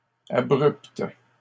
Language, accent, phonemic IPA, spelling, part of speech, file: French, Canada, /a.bʁypt/, abruptes, adjective, LL-Q150 (fra)-abruptes.wav
- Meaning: feminine plural of abrupt